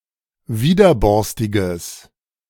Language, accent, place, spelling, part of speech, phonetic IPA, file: German, Germany, Berlin, widerborstiges, adjective, [ˈviːdɐˌbɔʁstɪɡəs], De-widerborstiges.ogg
- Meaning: strong/mixed nominative/accusative neuter singular of widerborstig